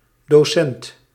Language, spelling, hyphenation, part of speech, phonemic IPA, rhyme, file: Dutch, docent, do‧cent, noun, /doːˈsɛnt/, -ɛnt, Nl-docent.ogg
- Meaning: teacher, docent